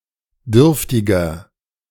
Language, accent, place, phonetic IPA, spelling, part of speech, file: German, Germany, Berlin, [ˈdʏʁftɪɡɐ], dürftiger, adjective, De-dürftiger.ogg
- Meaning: 1. comparative degree of dürftig 2. inflection of dürftig: strong/mixed nominative masculine singular 3. inflection of dürftig: strong genitive/dative feminine singular